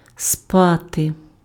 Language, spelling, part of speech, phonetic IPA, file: Ukrainian, спати, verb, [ˈspate], Uk-спати.ogg
- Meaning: 1. to sleep 2. to be languid; to laze 3. to have sex, to sleep with